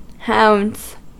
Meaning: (noun) plural of hound; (verb) third-person singular simple present indicative of hound
- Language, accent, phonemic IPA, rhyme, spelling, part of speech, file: English, US, /haʊndz/, -aʊndz, hounds, noun / verb, En-us-hounds.ogg